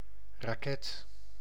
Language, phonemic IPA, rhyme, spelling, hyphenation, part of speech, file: Dutch, /raːˈkɛt/, -ɛt, raket, ra‧ket, noun, Nl-raket.ogg
- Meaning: 1. rocket, missile 2. firework 3. a type of ice cream in the shape of a rocket 4. any plant of the genus Sisymbrium